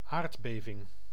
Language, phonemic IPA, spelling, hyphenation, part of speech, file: Dutch, /ˈaːrt.beː.vɪŋ/, aardbeving, aard‧be‧ving, noun, Nl-aardbeving.ogg
- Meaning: earthquake